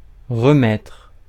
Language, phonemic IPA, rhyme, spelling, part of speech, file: French, /ʁə.mɛtʁ/, -ɛtʁ, remettre, verb, Fr-remettre.ogg
- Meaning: 1. to put back, replace 2. to put (clothing etc.) back on 3. to restart (machine etc.) 4. to hand over, tender, hand in, deliver (to someone) 5. to put off, postpone (until) 6. to remember